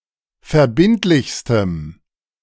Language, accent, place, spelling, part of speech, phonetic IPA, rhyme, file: German, Germany, Berlin, verbindlichstem, adjective, [fɛɐ̯ˈbɪntlɪçstəm], -ɪntlɪçstəm, De-verbindlichstem.ogg
- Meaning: strong dative masculine/neuter singular superlative degree of verbindlich